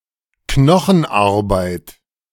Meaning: backbreaking work
- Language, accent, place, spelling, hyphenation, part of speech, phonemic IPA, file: German, Germany, Berlin, Knochenarbeit, Kno‧chen‧ar‧beit, noun, /ˈknɔxn̩ˌʔaʁbaɪ̯t/, De-Knochenarbeit.ogg